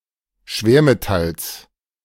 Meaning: genitive singular of Schwermetall
- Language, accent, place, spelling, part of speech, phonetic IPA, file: German, Germany, Berlin, Schwermetalls, noun, [ˈʃveːɐ̯meˌtals], De-Schwermetalls.ogg